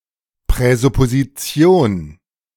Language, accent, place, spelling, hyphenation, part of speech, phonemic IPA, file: German, Germany, Berlin, Präsupposition, Prä‧sup‧po‧si‧ti‧on, noun, /pʁɛzʊpoziˈt͡si̯oːn/, De-Präsupposition.ogg
- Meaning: presupposition